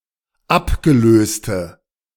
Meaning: inflection of abgelöst: 1. strong/mixed nominative/accusative feminine singular 2. strong nominative/accusative plural 3. weak nominative all-gender singular
- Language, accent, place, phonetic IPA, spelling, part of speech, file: German, Germany, Berlin, [ˈapɡəˌløːstə], abgelöste, adjective, De-abgelöste.ogg